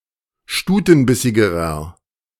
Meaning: inflection of stutenbissig: 1. strong/mixed nominative masculine singular comparative degree 2. strong genitive/dative feminine singular comparative degree 3. strong genitive plural comparative degree
- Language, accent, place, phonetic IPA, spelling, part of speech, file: German, Germany, Berlin, [ˈʃtuːtn̩ˌbɪsɪɡəʁɐ], stutenbissigerer, adjective, De-stutenbissigerer.ogg